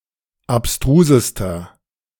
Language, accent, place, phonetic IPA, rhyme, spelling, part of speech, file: German, Germany, Berlin, [apˈstʁuːzəstɐ], -uːzəstɐ, abstrusester, adjective, De-abstrusester.ogg
- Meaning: inflection of abstrus: 1. strong/mixed nominative masculine singular superlative degree 2. strong genitive/dative feminine singular superlative degree 3. strong genitive plural superlative degree